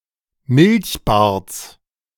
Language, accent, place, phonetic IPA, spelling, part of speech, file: German, Germany, Berlin, [ˈmɪlçˌbaːɐ̯t͡s], Milchbarts, noun, De-Milchbarts.ogg
- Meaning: genitive of Milchbart